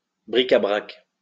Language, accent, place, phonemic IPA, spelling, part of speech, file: French, France, Lyon, /bʁi.ka.bʁak/, bric-à-brac, noun, LL-Q150 (fra)-bric-à-brac.wav
- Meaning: 1. miscellaneous items, bric-a-brac 2. storeroom